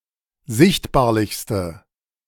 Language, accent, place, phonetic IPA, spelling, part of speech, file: German, Germany, Berlin, [ˈzɪçtbaːɐ̯lɪçstə], sichtbarlichste, adjective, De-sichtbarlichste.ogg
- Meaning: inflection of sichtbarlich: 1. strong/mixed nominative/accusative feminine singular superlative degree 2. strong nominative/accusative plural superlative degree